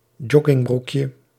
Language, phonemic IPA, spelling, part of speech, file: Dutch, /ˈdʒɔɡɪŋˌbrukjə/, joggingbroekje, noun, Nl-joggingbroekje.ogg
- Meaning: diminutive of joggingbroek